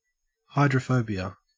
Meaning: 1. An aversion to water, as a symptom of rabies; the disease of rabies itself 2. A morbid fear of water; aquaphobia 3. A lack of affinity for water; the quality of being hydrophobic
- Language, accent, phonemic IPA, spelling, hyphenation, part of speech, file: English, Australia, /ˌhɑe.dɹəˈfəʉ.bi.ə/, hydrophobia, hy‧dro‧phob‧ia, noun, En-au-hydrophobia.ogg